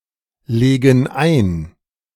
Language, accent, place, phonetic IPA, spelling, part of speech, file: German, Germany, Berlin, [ˌleːɡn̩ ˈaɪ̯n], legen ein, verb, De-legen ein.ogg
- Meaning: inflection of einlegen: 1. first/third-person plural present 2. first/third-person plural subjunctive I